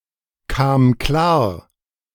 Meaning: first/third-person singular preterite of klarkommen
- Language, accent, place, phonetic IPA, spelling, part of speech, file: German, Germany, Berlin, [kaːm ˈklaːɐ̯], kam klar, verb, De-kam klar.ogg